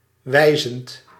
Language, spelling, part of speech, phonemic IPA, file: Dutch, wijzend, verb / adjective, /ˈwɛizənt/, Nl-wijzend.ogg
- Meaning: present participle of wijzen